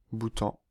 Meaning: Bhutan (a country in South Asia, in the Himalayas)
- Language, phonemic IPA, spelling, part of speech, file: French, /bu.tɑ̃/, Bhoutan, proper noun, Fr-Bhoutan.ogg